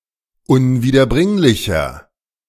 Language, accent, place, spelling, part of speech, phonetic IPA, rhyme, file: German, Germany, Berlin, unwiederbringlicher, adjective, [ʊnviːdɐˈbʁɪŋlɪçɐ], -ɪŋlɪçɐ, De-unwiederbringlicher.ogg
- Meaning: inflection of unwiederbringlich: 1. strong/mixed nominative masculine singular 2. strong genitive/dative feminine singular 3. strong genitive plural